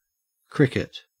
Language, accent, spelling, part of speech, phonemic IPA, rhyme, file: English, Australia, cricket, noun / verb, /ˈkɹɪkɪt/, -ɪkɪt, En-au-cricket.ogg
- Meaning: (noun) An insect in the order Orthoptera, especially family Gryllidae, that makes a chirping sound by rubbing its wing casings against combs on its hind legs